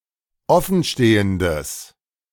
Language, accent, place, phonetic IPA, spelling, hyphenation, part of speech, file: German, Germany, Berlin, [ˈɔfn̩ˌʃteːəndəs], offenstehendes, of‧fen‧ste‧hen‧des, adjective, De-offenstehendes.ogg
- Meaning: strong/mixed nominative/accusative neuter singular of offenstehend